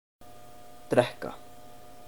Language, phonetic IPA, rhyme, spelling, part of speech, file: Icelandic, [ˈtrɛhka], -ɛhka, drekka, verb, Is-drekka.oga
- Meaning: to drink